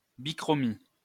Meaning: duotone
- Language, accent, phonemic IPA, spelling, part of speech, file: French, France, /bi.kʁɔ.mi/, bichromie, noun, LL-Q150 (fra)-bichromie.wav